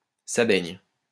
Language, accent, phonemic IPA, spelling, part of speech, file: French, France, /sa bɛɲ/, ça baigne, phrase, LL-Q150 (fra)-ça baigne.wav
- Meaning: how's it going?